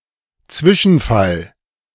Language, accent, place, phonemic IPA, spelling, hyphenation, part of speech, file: German, Germany, Berlin, /ˈt͡svɪʃn̩ˌfal/, Zwischenfall, Zwi‧schen‧fall, noun, De-Zwischenfall.ogg
- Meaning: incident